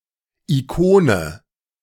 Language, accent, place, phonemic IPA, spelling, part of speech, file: German, Germany, Berlin, /iˈkoːnə/, Ikone, noun, De-Ikone.ogg
- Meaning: 1. icon (religious painting) 2. idol